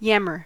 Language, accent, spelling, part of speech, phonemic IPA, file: English, US, yammer, verb / noun, /ˈjæm.ɚ/, En-us-yammer.ogg
- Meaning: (verb) 1. To complain peevishly 2. To talk loudly and persistently 3. To repeat on and on, usually loudly or in complaint 4. To make an outcry; to clamor 5. to repeatedly call someone's name